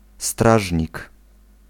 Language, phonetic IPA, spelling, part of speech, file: Polish, [ˈstraʒʲɲik], strażnik, noun, Pl-strażnik.ogg